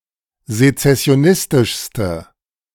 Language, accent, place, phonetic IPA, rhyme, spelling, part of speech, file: German, Germany, Berlin, [zet͡sɛsi̯oˈnɪstɪʃstə], -ɪstɪʃstə, sezessionistischste, adjective, De-sezessionistischste.ogg
- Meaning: inflection of sezessionistisch: 1. strong/mixed nominative/accusative feminine singular superlative degree 2. strong nominative/accusative plural superlative degree